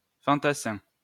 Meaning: foot soldier, infantryman
- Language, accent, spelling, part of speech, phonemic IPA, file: French, France, fantassin, noun, /fɑ̃.ta.sɛ̃/, LL-Q150 (fra)-fantassin.wav